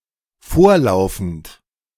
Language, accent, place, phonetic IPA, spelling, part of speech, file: German, Germany, Berlin, [ˈfoːɐ̯ˌlaʊ̯fn̩t], vorlaufend, verb, De-vorlaufend.ogg
- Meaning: present participle of vorlaufen